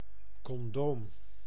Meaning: condom
- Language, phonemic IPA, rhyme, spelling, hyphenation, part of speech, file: Dutch, /kɔnˈdoːm/, -oːm, condoom, con‧doom, noun, Nl-condoom.ogg